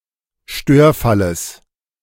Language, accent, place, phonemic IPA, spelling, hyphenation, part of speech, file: German, Germany, Berlin, /ˈʃtøːɐ̯ˌfaləs/, Störfalles, Stör‧fal‧les, noun, De-Störfalles.ogg
- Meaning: genitive singular of Störfall